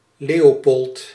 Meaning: a male given name
- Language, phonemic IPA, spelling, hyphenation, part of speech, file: Dutch, /ˈleː.oːˌpɔlt/, Leopold, Le‧o‧pold, proper noun, Nl-Leopold.ogg